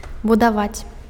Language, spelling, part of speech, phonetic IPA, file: Belarusian, будаваць, verb, [budaˈvat͡sʲ], Be-будаваць.ogg
- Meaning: to build, construct